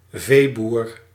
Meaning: a livestock farmer
- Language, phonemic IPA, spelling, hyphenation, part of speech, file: Dutch, /ˈveː.bur/, veeboer, vee‧boer, noun, Nl-veeboer.ogg